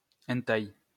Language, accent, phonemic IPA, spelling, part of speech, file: French, France, /ɛn.taj/, hentai, noun, LL-Q150 (fra)-hentai.wav
- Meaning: hentai (a work of anime or manga—Japanese cartoon art, respectively animated and static—that contains pornography)